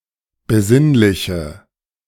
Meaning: inflection of besinnlich: 1. strong/mixed nominative/accusative feminine singular 2. strong nominative/accusative plural 3. weak nominative all-gender singular
- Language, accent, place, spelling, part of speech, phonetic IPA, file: German, Germany, Berlin, besinnliche, adjective, [bəˈzɪnlɪçə], De-besinnliche.ogg